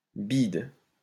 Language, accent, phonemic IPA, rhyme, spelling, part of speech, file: French, France, /bid/, -id, bide, noun, LL-Q150 (fra)-bide.wav
- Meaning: 1. fiasco, flop 2. paunch, belly 3. Something fake